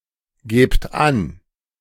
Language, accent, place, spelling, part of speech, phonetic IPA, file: German, Germany, Berlin, gebt an, verb, [ˌɡeːpt ˈan], De-gebt an.ogg
- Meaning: inflection of angeben: 1. second-person plural present 2. plural imperative